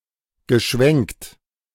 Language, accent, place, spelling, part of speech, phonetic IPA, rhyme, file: German, Germany, Berlin, geschwenkt, verb, [ɡəˈʃvɛŋkt], -ɛŋkt, De-geschwenkt.ogg
- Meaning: past participle of schwenken